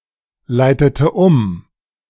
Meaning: inflection of umleiten: 1. first/third-person singular preterite 2. first/third-person singular subjunctive II
- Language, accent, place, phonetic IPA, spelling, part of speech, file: German, Germany, Berlin, [ˌlaɪ̯tətə ˈʊm], leitete um, verb, De-leitete um.ogg